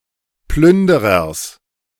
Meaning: genitive singular of Plünderer
- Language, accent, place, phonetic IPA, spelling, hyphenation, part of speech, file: German, Germany, Berlin, [ˈplʏndəʁɐs], Plünderers, Plün‧de‧rers, noun, De-Plünderers.ogg